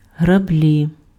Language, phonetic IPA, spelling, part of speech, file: Ukrainian, [ɦrɐˈblʲi], граблі, noun, Uk-граблі.ogg
- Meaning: rake